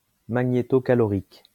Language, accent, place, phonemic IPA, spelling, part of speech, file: French, France, Lyon, /ma.ɲe.tɔ.ka.lɔ.ʁik/, magnétocalorique, adjective, LL-Q150 (fra)-magnétocalorique.wav
- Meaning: magnetocaloric